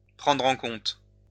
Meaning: to take into account, to factor in
- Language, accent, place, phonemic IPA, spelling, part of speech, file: French, France, Lyon, /pʁɑ̃dʁ ɑ̃ kɔ̃t/, prendre en compte, verb, LL-Q150 (fra)-prendre en compte.wav